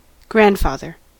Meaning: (noun) 1. A father of someone's parent 2. A male forefather 3. The archived older version of a file that immediately preceded the father file; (verb) To be, or act as, a grandfather to
- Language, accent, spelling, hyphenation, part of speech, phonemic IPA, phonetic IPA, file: English, General American, grandfather, grand‧fa‧ther, noun / verb, /ˈɡɹæn(d)ˌfɑðɚ/, [ˈɡɹ̠(ʷ)ẽˑə̯̃n(d)ˌfɑˑðɚ], En-us-grandfather.ogg